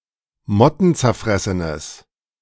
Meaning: strong/mixed nominative/accusative neuter singular of mottenzerfressen
- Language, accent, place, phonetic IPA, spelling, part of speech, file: German, Germany, Berlin, [ˈmɔtn̩t͡sɛɐ̯ˌfʁɛsənəs], mottenzerfressenes, adjective, De-mottenzerfressenes.ogg